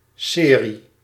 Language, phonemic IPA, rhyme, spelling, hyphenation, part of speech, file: Dutch, /ˈseːri/, -eːri, serie, se‧rie, noun, Nl-serie.ogg
- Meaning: series